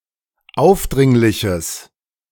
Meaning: strong/mixed nominative/accusative neuter singular of aufdringlich
- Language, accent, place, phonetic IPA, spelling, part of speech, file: German, Germany, Berlin, [ˈaʊ̯fˌdʁɪŋlɪçəs], aufdringliches, adjective, De-aufdringliches.ogg